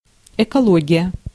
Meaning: ecology
- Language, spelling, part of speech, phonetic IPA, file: Russian, экология, noun, [ɪkɐˈɫoɡʲɪjə], Ru-экология.ogg